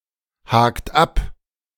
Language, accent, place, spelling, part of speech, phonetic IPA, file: German, Germany, Berlin, hakt ab, verb, [ˌhaːkt ˈap], De-hakt ab.ogg
- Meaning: inflection of abhaken: 1. third-person singular present 2. second-person plural present 3. plural imperative